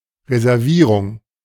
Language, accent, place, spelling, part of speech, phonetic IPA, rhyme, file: German, Germany, Berlin, Reservierung, noun, [ʁezɛʁˈviːʁʊŋ], -iːʁʊŋ, De-Reservierung.ogg
- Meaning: reservation, booking